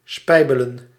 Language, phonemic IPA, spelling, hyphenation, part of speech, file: Dutch, /ˈspɛi̯.bə.lə(n)/, spijbelen, spij‧be‧len, verb, Nl-spijbelen.ogg
- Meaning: to play truant, to cut class, to skip class, (UK) to bunk